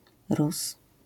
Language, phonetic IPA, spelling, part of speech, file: Polish, [rus], Rus, proper noun / noun, LL-Q809 (pol)-Rus.wav